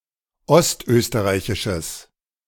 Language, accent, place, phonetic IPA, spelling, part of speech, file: German, Germany, Berlin, [ˈɔstˌʔøːstəʁaɪ̯çɪʃəs], ostösterreichisches, adjective, De-ostösterreichisches.ogg
- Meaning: strong/mixed nominative/accusative neuter singular of ostösterreichisch